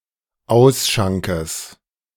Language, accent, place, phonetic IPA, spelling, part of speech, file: German, Germany, Berlin, [ˈaʊ̯sˌʃaŋkəs], Ausschankes, noun, De-Ausschankes.ogg
- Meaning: genitive singular of Ausschank